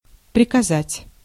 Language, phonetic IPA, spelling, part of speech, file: Russian, [prʲɪkɐˈzatʲ], приказать, verb, Ru-приказать.ogg
- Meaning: to order, to command, to give orders, to direct